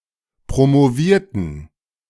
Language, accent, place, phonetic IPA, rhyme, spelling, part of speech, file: German, Germany, Berlin, [pʁomoˈviːɐ̯tn̩], -iːɐ̯tn̩, promovierten, adjective / verb, De-promovierten.ogg
- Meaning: inflection of promovieren: 1. first/third-person plural preterite 2. first/third-person plural subjunctive II